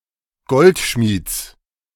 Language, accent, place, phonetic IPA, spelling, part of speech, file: German, Germany, Berlin, [ˈɡɔltˌʃmiːt͡s], Goldschmieds, noun, De-Goldschmieds.ogg
- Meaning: genitive singular of Goldschmied